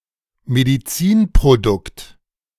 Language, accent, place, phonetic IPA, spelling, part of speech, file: German, Germany, Berlin, [mediˈt͡siːnpʁoˌdʊkt], Medizinprodukt, noun, De-Medizinprodukt.ogg
- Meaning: medical product